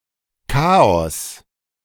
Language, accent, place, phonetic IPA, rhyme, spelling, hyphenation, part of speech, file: German, Germany, Berlin, [ˈkaːɔs], -aːɔs, Chaos, Cha‧os, noun, De-Chaos.ogg
- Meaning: chaos